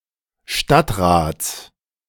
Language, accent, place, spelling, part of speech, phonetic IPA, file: German, Germany, Berlin, Stadtrats, noun, [ˈʃtatʁaːt͡s], De-Stadtrats.ogg
- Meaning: genitive singular of Stadtrat